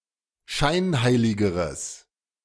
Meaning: strong/mixed nominative/accusative neuter singular comparative degree of scheinheilig
- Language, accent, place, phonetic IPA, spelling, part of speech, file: German, Germany, Berlin, [ˈʃaɪ̯nˌhaɪ̯lɪɡəʁəs], scheinheiligeres, adjective, De-scheinheiligeres.ogg